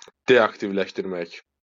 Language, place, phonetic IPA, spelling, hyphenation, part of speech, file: Azerbaijani, Baku, [deɑktivlæʃtirˈmæk], deaktivləşdirmək, de‧ak‧tiv‧ləş‧dir‧mək, verb, LL-Q9292 (aze)-deaktivləşdirmək.wav
- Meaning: to deactivate, to disable (to put something out of action)